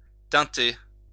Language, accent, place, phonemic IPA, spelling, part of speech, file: French, France, Lyon, /tɛ̃.te/, teinter, verb, LL-Q150 (fra)-teinter.wav
- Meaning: to tint; to color